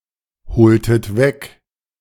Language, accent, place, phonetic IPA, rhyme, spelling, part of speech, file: German, Germany, Berlin, [bəˈt͡sɔɪ̯ɡn̩dɐ], -ɔɪ̯ɡn̩dɐ, bezeugender, adjective, De-bezeugender.ogg
- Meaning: inflection of bezeugend: 1. strong/mixed nominative masculine singular 2. strong genitive/dative feminine singular 3. strong genitive plural